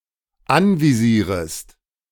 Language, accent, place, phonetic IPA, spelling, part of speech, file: German, Germany, Berlin, [ˈanviˌziːʁəst], anvisierest, verb, De-anvisierest.ogg
- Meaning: second-person singular dependent subjunctive I of anvisieren